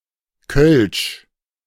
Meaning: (proper noun) Kölsch (dialect); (noun) Kölsch (beer)
- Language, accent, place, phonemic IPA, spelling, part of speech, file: German, Germany, Berlin, /kœlʃ/, Kölsch, proper noun / noun, De-Kölsch.ogg